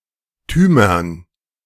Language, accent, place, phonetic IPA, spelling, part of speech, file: German, Germany, Berlin, [tyːmɐn], -tümern, suffix, De--tümern.ogg
- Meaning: dative plural of -tum